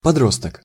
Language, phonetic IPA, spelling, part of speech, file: Russian, [pɐˈdrostək], подросток, noun, Ru-подросток.ogg
- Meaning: teenager, juvenile, youth, adolescent